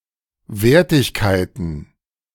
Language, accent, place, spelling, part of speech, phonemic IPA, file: German, Germany, Berlin, Wertigkeiten, noun, /ˈveːɐ̯tɪçkaɪ̯tn̩/, De-Wertigkeiten.ogg
- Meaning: plural of Wertigkeit